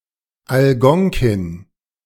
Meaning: Algonquin (language)
- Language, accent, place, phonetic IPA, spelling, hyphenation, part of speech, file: German, Germany, Berlin, [alˈɡɔŋkɪn], Algonkin, Al‧gon‧kin, proper noun, De-Algonkin.ogg